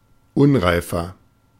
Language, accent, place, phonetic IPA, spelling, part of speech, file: German, Germany, Berlin, [ˈʊnʁaɪ̯fɐ], unreifer, adjective, De-unreifer.ogg
- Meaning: 1. comparative degree of unreif 2. inflection of unreif: strong/mixed nominative masculine singular 3. inflection of unreif: strong genitive/dative feminine singular